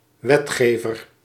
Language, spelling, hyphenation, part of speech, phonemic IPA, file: Dutch, wetgever, wet‧ge‧ver, noun, /ˈʋɛtˌxeː.vər/, Nl-wetgever.ogg
- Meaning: 1. a legislator, a lawmaker or lawgiver, a person who or an institution which makes (a) law(s) 2. Title of Moses, Jesus or God